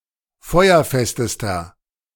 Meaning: inflection of feuerfest: 1. strong/mixed nominative masculine singular superlative degree 2. strong genitive/dative feminine singular superlative degree 3. strong genitive plural superlative degree
- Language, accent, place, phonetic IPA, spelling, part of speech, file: German, Germany, Berlin, [ˈfɔɪ̯ɐˌfɛstəstɐ], feuerfestester, adjective, De-feuerfestester.ogg